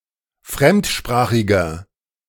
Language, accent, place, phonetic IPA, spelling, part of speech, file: German, Germany, Berlin, [ˈfʁɛmtˌʃpʁaːxɪɡɐ], fremdsprachiger, adjective, De-fremdsprachiger.ogg
- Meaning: inflection of fremdsprachig: 1. strong/mixed nominative masculine singular 2. strong genitive/dative feminine singular 3. strong genitive plural